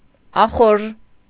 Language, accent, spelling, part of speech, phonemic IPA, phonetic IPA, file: Armenian, Eastern Armenian, ախորժ, adjective, /ɑˈχoɾʒ/, [ɑχóɾʒ], Hy-ախորժ.ogg
- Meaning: pleasant, agreeable